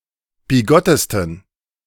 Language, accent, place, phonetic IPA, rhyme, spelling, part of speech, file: German, Germany, Berlin, [biˈɡɔtəstn̩], -ɔtəstn̩, bigottesten, adjective, De-bigottesten.ogg
- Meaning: 1. superlative degree of bigott 2. inflection of bigott: strong genitive masculine/neuter singular superlative degree